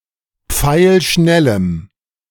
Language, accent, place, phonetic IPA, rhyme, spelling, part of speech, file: German, Germany, Berlin, [ˈp͡faɪ̯lˈʃnɛləm], -ɛləm, pfeilschnellem, adjective, De-pfeilschnellem.ogg
- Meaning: strong dative masculine/neuter singular of pfeilschnell